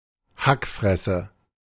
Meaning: fugly-ass, shitface (pejorative term for someone considered very ugly)
- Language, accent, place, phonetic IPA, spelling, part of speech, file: German, Germany, Berlin, [ˈhakˌfʁɛsə], Hackfresse, noun, De-Hackfresse.ogg